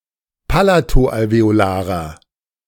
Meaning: inflection of palato-alveolar: 1. strong/mixed nominative masculine singular 2. strong genitive/dative feminine singular 3. strong genitive plural
- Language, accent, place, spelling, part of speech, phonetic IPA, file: German, Germany, Berlin, palato-alveolarer, adjective, [ˈpalatoʔalveoˌlaːʁɐ], De-palato-alveolarer.ogg